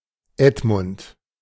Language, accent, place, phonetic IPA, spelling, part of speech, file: German, Germany, Berlin, [ˈɛtmʊnt], Edmund, proper noun, De-Edmund.ogg
- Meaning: a male given name from English